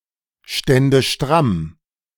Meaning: first/third-person singular subjunctive II of strammstehen
- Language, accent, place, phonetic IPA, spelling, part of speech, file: German, Germany, Berlin, [ˌʃtɛndə ˈʃtʁam], stände stramm, verb, De-stände stramm.ogg